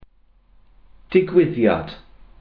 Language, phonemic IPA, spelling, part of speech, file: Welsh, /dɪˈɡʊi̯ðjad/, digwyddiad, noun, Cy-digwyddiad.ogg
- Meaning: event, happening, incident